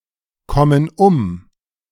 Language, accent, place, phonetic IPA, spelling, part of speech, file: German, Germany, Berlin, [ˌkɔmən ˈʊm], kommen um, verb, De-kommen um.ogg
- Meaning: inflection of umkommen: 1. first/third-person plural present 2. first/third-person plural subjunctive I